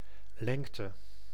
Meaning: 1. length 2. height (of a person)
- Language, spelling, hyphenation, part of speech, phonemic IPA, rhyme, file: Dutch, lengte, leng‧te, noun, /ˈlɛŋ.tə/, -ɛŋtə, Nl-lengte.ogg